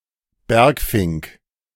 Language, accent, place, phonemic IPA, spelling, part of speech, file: German, Germany, Berlin, /ˈbɛʁkfɪŋk/, Bergfink, noun, De-Bergfink.ogg
- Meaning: brambling (Fringilla montifringilla)